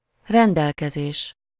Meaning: 1. order, command, direction 2. disposal
- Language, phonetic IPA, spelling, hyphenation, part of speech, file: Hungarian, [ˈrɛndɛlkɛzeːʃ], rendelkezés, ren‧del‧ke‧zés, noun, Hu-rendelkezés.ogg